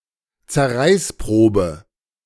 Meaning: 1. tear strength test 2. ordeal
- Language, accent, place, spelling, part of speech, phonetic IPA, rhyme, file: German, Germany, Berlin, Zerreißprobe, noun, [t͡sɛɐ̯ˈʁaɪ̯sˌpʁoːbə], -aɪ̯spʁoːbə, De-Zerreißprobe.ogg